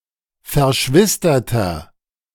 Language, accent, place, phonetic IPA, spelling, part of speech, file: German, Germany, Berlin, [fɛɐ̯ˈʃvɪstɐtɐ], verschwisterter, adjective, De-verschwisterter.ogg
- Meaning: inflection of verschwistert: 1. strong/mixed nominative masculine singular 2. strong genitive/dative feminine singular 3. strong genitive plural